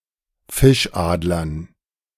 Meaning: dative plural of Fischadler
- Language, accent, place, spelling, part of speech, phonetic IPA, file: German, Germany, Berlin, Fischadlern, noun, [ˈfɪʃˌʔaːdlɐn], De-Fischadlern.ogg